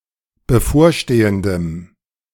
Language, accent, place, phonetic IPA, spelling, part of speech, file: German, Germany, Berlin, [bəˈfoːɐ̯ˌʃteːəndəm], bevorstehendem, adjective, De-bevorstehendem.ogg
- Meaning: strong dative masculine/neuter singular of bevorstehend